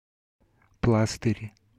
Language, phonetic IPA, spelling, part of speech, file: Russian, [ˈpɫastɨrʲ], пластырь, noun, Ru-пластырь.ogg
- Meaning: 1. plaster, band-aid 2. patch